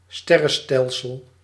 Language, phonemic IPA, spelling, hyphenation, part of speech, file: Dutch, /ˈstɛ.rə(n)ˌstɛl.səl/, sterrenstelsel, ster‧ren‧stel‧sel, noun, Nl-sterrenstelsel.ogg
- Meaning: galaxy